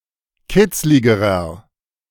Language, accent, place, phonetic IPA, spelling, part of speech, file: German, Germany, Berlin, [ˈkɪt͡slɪɡəʁɐ], kitzligerer, adjective, De-kitzligerer.ogg
- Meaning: inflection of kitzlig: 1. strong/mixed nominative masculine singular comparative degree 2. strong genitive/dative feminine singular comparative degree 3. strong genitive plural comparative degree